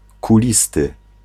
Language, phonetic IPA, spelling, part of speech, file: Polish, [kuˈlʲistɨ], kulisty, adjective, Pl-kulisty.ogg